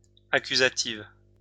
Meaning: feminine singular of accusatif
- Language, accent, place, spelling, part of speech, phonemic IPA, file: French, France, Lyon, accusative, adjective, /a.ky.za.tiv/, LL-Q150 (fra)-accusative.wav